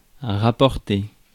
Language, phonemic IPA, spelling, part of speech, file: French, /ʁa.pɔʁ.te/, rapporter, verb, Fr-rapporter.ogg
- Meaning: 1. to bring back (physically bring something back from where it came from) 2. to retrieve 3. to fetch 4. to take back (physically take something back to where it was)